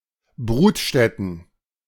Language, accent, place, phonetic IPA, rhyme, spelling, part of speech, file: German, Germany, Berlin, [ˈbʊkl̩n], -ʊkl̩n, Buckeln, noun, De-Buckeln.ogg
- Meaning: dative plural of Buckel